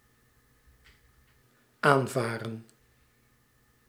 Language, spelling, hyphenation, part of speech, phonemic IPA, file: Dutch, aanvaren, aan‧va‧ren, verb, /ˈaːnˌvaː.rə(n)/, Nl-aanvaren.ogg
- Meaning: 1. to collide while sailing 2. to collide with 3. to sail near/closer